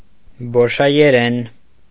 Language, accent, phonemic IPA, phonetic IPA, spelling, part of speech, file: Armenian, Eastern Armenian, /boʃɑjeˈɾen/, [boʃɑjeɾén], բոշայերեն, noun, Hy-բոշայերեն.ogg
- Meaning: Lomavren, the language of Bosha (the Lom people)